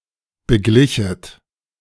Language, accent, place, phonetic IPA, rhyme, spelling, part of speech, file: German, Germany, Berlin, [bəˈɡlɪçət], -ɪçət, beglichet, verb, De-beglichet.ogg
- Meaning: second-person plural subjunctive II of begleichen